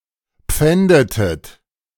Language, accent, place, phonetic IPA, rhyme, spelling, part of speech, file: German, Germany, Berlin, [ˈp͡fɛndətət], -ɛndətət, pfändetet, verb, De-pfändetet.ogg
- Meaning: inflection of pfänden: 1. second-person plural preterite 2. second-person plural subjunctive II